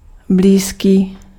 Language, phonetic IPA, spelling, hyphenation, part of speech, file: Czech, [ˈbliːskiː], blízký, blíz‧ký, adjective, Cs-blízký.ogg
- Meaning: close, near